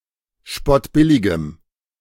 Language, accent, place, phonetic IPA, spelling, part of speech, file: German, Germany, Berlin, [ˈʃpɔtˌbɪlɪɡəm], spottbilligem, adjective, De-spottbilligem.ogg
- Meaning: strong dative masculine/neuter singular of spottbillig